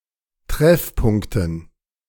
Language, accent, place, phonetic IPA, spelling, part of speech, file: German, Germany, Berlin, [ˈtʁɛfˌpʊŋktn̩], Treffpunkten, noun, De-Treffpunkten.ogg
- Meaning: dative plural of Treffpunkt